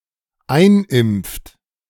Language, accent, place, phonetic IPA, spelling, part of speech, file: German, Germany, Berlin, [ˈaɪ̯nˌʔɪmp͡ft], einimpft, verb, De-einimpft.ogg
- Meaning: inflection of einimpfen: 1. third-person singular dependent present 2. second-person plural dependent present